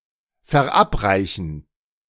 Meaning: 1. to give, to feed (food, drink, fertilizer) 2. to give (to make experience) 3. to administer (a medicine or poison)
- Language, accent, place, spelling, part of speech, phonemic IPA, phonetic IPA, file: German, Germany, Berlin, verabreichen, verb, /fɛʁˈapʁaɪ̯çən/, [fɛɐ̯ˈʔapʁaɪ̯çn̩], De-verabreichen.ogg